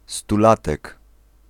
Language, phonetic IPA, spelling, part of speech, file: Polish, [stuˈlatɛk], stulatek, noun, Pl-stulatek.ogg